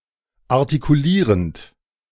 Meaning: present participle of artikulieren
- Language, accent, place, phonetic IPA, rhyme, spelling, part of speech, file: German, Germany, Berlin, [aʁtikuˈliːʁənt], -iːʁənt, artikulierend, verb, De-artikulierend.ogg